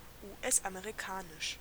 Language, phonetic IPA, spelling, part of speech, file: German, [uːˈʔɛsʔameʁiˌkaːnɪʃ], US-amerikanisch, adjective, De-US-amerikanisch.ogg
- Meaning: American, US-American (of or pertaining to the United States or its culture)